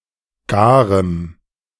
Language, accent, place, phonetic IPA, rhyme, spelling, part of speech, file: German, Germany, Berlin, [ˈɡaːʁəm], -aːʁəm, garem, adjective, De-garem.ogg
- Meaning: strong dative masculine/neuter singular of gar